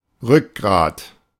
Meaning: 1. backbone, spine 2. backbone, cornerstone (the fundamental or main contributor to a system or organization) 3. spine, assertiveness (the willingness to stand up for oneself in the face of adversity)
- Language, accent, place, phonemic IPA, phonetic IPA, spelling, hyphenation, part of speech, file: German, Germany, Berlin, /ˈʁʏkˌɡʁaːt/, [ˈʁʏkʁaːtʰ], Rückgrat, Rück‧grat, noun, De-Rückgrat.ogg